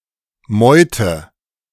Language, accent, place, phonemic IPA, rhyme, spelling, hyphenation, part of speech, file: German, Germany, Berlin, /ˈmɔʏ̯tə/, -ɔʏ̯tə, Meute, Meu‧te, noun, De-Meute.ogg
- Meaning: 1. a pack of animals, especially hunting dogs 2. a mob of people, especially ones who are agitated or after someone (often of paparazzi and the like)